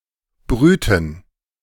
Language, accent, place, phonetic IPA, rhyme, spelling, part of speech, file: German, Germany, Berlin, [ˈbʁyːtn̩], -yːtn̩, brühten, verb, De-brühten.ogg
- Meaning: inflection of brühen: 1. first/third-person plural preterite 2. first/third-person plural subjunctive II